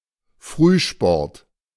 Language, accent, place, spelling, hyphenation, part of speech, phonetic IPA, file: German, Germany, Berlin, Frühsport, Früh‧sport, noun, [ˈfʀyːˌʃpɔʁt], De-Frühsport.ogg
- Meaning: early morning exercise